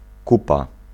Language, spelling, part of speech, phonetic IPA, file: Polish, kupa, noun, [ˈkupa], Pl-kupa.ogg